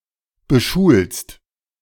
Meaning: second-person singular present of beschulen
- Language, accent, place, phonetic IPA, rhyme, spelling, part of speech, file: German, Germany, Berlin, [bəˈʃuːlst], -uːlst, beschulst, verb, De-beschulst.ogg